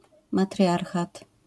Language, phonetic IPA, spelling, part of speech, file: Polish, [maˈtrʲjarxat], matriarchat, noun, LL-Q809 (pol)-matriarchat.wav